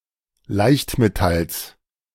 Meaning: genitive singular of Leichtmetall
- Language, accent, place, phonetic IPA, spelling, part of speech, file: German, Germany, Berlin, [ˈlaɪ̯çtmeˌtals], Leichtmetalls, noun, De-Leichtmetalls.ogg